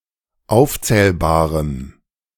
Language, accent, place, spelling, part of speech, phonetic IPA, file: German, Germany, Berlin, aufzählbarem, adjective, [ˈaʊ̯ft͡sɛːlbaːʁəm], De-aufzählbarem.ogg
- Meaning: strong dative masculine/neuter singular of aufzählbar